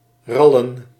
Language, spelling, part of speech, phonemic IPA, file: Dutch, rallen, verb / noun, /ˈrɑlə(n)/, Nl-rallen.ogg
- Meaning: plural of ral